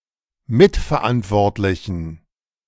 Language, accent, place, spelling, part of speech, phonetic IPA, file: German, Germany, Berlin, mitverantwortlichen, adjective, [ˈmɪtfɛɐ̯ˌʔantvɔʁtlɪçn̩], De-mitverantwortlichen.ogg
- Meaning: inflection of mitverantwortlich: 1. strong genitive masculine/neuter singular 2. weak/mixed genitive/dative all-gender singular 3. strong/weak/mixed accusative masculine singular